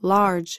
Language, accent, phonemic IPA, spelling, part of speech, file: English, US, /lɑɹd͡ʒ/, large, adjective / noun / adverb, En-us-large.ogg
- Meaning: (adjective) 1. Of considerable or relatively great size or extent 2. That is large (the manufactured size) 3. Abundant; ample 4. Full in statement; diffuse; profuse 5. Free; unencumbered